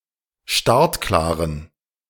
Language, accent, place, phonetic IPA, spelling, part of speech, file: German, Germany, Berlin, [ˈʃtaʁtˌklaːʁən], startklaren, adjective, De-startklaren.ogg
- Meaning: inflection of startklar: 1. strong genitive masculine/neuter singular 2. weak/mixed genitive/dative all-gender singular 3. strong/weak/mixed accusative masculine singular 4. strong dative plural